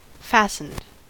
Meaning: simple past and past participle of fasten
- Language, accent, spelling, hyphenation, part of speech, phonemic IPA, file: English, US, fastened, fast‧ened, verb, /ˈfæsn̩d/, En-us-fastened.ogg